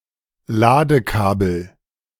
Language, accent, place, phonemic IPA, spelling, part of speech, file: German, Germany, Berlin, /ˈlaːdəˌkaːbl̩/, Ladekabel, noun, De-Ladekabel.ogg
- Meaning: charging cable